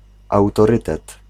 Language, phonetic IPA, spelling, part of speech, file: Polish, [ˌawtɔˈrɨtɛt], autorytet, noun, Pl-autorytet.ogg